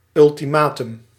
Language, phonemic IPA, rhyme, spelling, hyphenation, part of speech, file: Dutch, /ˌʏl.tiˈmaː.tʏm/, -aːtʏm, ultimatum, ul‧ti‧ma‧tum, noun, Nl-ultimatum.ogg
- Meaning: ultimatum